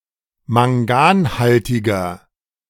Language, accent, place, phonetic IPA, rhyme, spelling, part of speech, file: German, Germany, Berlin, [maŋˈɡaːnˌhaltɪɡɐ], -aːnhaltɪɡɐ, manganhaltiger, adjective, De-manganhaltiger.ogg
- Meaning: inflection of manganhaltig: 1. strong/mixed nominative masculine singular 2. strong genitive/dative feminine singular 3. strong genitive plural